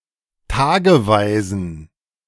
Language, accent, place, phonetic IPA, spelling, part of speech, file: German, Germany, Berlin, [ˈtaːɡəˌvaɪ̯zn̩], tageweisen, adjective, De-tageweisen.ogg
- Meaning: inflection of tageweise: 1. strong genitive masculine/neuter singular 2. weak/mixed genitive/dative all-gender singular 3. strong/weak/mixed accusative masculine singular 4. strong dative plural